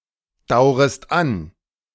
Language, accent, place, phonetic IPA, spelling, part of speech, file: German, Germany, Berlin, [ˌdaʊ̯ʁəst ˈan], daurest an, verb, De-daurest an.ogg
- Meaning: second-person singular subjunctive I of andauern